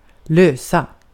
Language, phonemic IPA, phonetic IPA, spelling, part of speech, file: Swedish, /²løːsa/, [²l̪øə̯s̪a], lösa, adjective / verb, Sv-lösa.ogg
- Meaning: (adjective) inflection of lös: 1. definite singular 2. plural; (verb) 1. to solve (a problem) 2. to work out (resolve itself, of a problem) 3. to dissolve (of a substance)